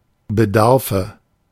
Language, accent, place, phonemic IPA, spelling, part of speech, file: German, Germany, Berlin, /bəˈdaʁfə/, Bedarfe, noun, De-Bedarfe.ogg
- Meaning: nominative/accusative/genitive plural of Bedarf